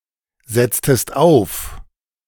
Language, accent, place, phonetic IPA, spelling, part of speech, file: German, Germany, Berlin, [ˌzɛt͡stəst ˈaʊ̯f], setztest auf, verb, De-setztest auf.ogg
- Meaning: inflection of aufsetzen: 1. second-person singular preterite 2. second-person singular subjunctive II